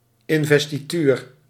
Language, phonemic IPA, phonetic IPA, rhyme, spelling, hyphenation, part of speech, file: Dutch, /ˌɪnvɛstiˈtyr/, [ˌɪnvɛstiˈtyːr], -yr, investituur, in‧ves‧ti‧tuur, noun, Nl-investituur.ogg
- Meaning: 1. transfer of worldly feudal property 2. inauguration, confirmation (ceremonious establishment into an office)